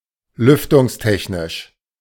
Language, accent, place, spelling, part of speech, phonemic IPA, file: German, Germany, Berlin, lüftungstechnisch, adjective, /ˈlʏftʊŋsˌtɛçnɪʃ/, De-lüftungstechnisch.ogg
- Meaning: ventilation technology